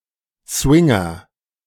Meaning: swinger
- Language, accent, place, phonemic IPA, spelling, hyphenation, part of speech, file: German, Germany, Berlin, /ˈsvɪŋɐ/, Swinger, Swin‧ger, noun, De-Swinger.ogg